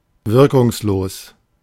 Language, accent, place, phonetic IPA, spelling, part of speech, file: German, Germany, Berlin, [ˈvɪʁkʊŋsˌloːs], wirkungslos, adjective, De-wirkungslos.ogg
- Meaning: ineffective